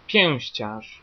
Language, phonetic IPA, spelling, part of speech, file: Polish, [ˈpʲjɛ̃w̃ɕt͡ɕaʃ], pięściarz, noun, Pl-pięściarz.ogg